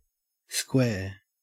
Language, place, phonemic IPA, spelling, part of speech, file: English, Queensland, /skweː/, square, noun / adjective / adverb / verb, En-au-square.ogg
- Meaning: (noun) A polygon with four straight sides of equal length and four right angles; an equilateral rectangle; a regular quadrilateral